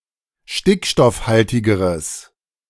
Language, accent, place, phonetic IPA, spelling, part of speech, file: German, Germany, Berlin, [ˈʃtɪkʃtɔfˌhaltɪɡəʁəs], stickstoffhaltigeres, adjective, De-stickstoffhaltigeres.ogg
- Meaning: strong/mixed nominative/accusative neuter singular comparative degree of stickstoffhaltig